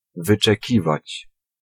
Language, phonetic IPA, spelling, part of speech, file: Polish, [ˌvɨt͡ʃɛˈcivat͡ɕ], wyczekiwać, verb, Pl-wyczekiwać.ogg